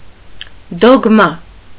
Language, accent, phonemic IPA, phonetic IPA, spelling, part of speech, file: Armenian, Eastern Armenian, /doɡˈmɑ/, [doɡmɑ́], դոգմա, noun, Hy-դոգմա.ogg
- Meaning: dogma